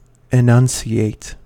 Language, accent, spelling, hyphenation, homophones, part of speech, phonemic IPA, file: English, US, enunciate, e‧nun‧ci‧ate, annunciate, verb, /ɪˈnʌnsiˌeɪt/, En-us-enunciate.ogg
- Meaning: 1. To make a definite or systematic statement of 2. To announce, proclaim 3. To articulate, pronounce 4. To make sounds clearly